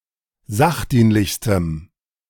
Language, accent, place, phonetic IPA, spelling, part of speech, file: German, Germany, Berlin, [ˈzaxˌdiːnlɪçstəm], sachdienlichstem, adjective, De-sachdienlichstem.ogg
- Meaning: strong dative masculine/neuter singular superlative degree of sachdienlich